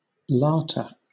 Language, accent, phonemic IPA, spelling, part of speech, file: English, Southern England, /ˈlɑːtə/, latah, noun, LL-Q1860 (eng)-latah.wav
- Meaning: A condition found in Malaysia and nearby areas characterised by extreme suggestibility; also, a person suffering from this malady